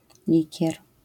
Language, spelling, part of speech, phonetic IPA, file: Polish, likier, noun, [ˈlʲicɛr], LL-Q809 (pol)-likier.wav